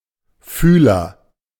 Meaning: 1. antenna; feeler 2. sensor
- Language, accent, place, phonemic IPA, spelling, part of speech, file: German, Germany, Berlin, /ˈfyːlɐ/, Fühler, noun, De-Fühler.ogg